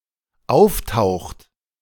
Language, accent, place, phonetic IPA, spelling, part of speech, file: German, Germany, Berlin, [ˈaʊ̯fˌtaʊ̯xt], auftaucht, verb, De-auftaucht.ogg
- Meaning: inflection of auftauchen: 1. third-person singular dependent present 2. second-person plural dependent present